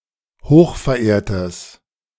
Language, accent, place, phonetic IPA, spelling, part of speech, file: German, Germany, Berlin, [ˈhoːxfɛɐ̯ˌʔeːɐ̯təs], hochverehrtes, adjective, De-hochverehrtes.ogg
- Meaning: strong/mixed nominative/accusative neuter singular of hochverehrt